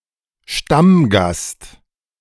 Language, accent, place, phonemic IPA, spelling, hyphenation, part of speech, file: German, Germany, Berlin, /ˈʃtamˌɡast/, Stammgast, Stamm‧gast, noun, De-Stammgast.ogg
- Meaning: regular (visitor), patron (a frequent, routine visitor to an establishment)